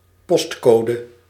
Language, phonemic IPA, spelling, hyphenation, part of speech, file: Dutch, /ˈpɔstˌkoː.də/, postcode, post‧co‧de, noun, Nl-postcode.ogg
- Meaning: a postcode, a postal code